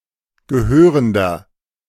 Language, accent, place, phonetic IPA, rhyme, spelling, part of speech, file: German, Germany, Berlin, [ɡəˈhøːʁəndɐ], -øːʁəndɐ, gehörender, adjective, De-gehörender.ogg
- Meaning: inflection of gehörend: 1. strong/mixed nominative masculine singular 2. strong genitive/dative feminine singular 3. strong genitive plural